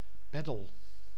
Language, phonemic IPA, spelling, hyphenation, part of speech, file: Dutch, /ˈpɛ.dəl/, peddel, ped‧del, noun, Nl-peddel.ogg
- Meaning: 1. a paddle, two-handed, single-bladed oar which isn't fixed to the boat but hand-held 2. a spanking paddle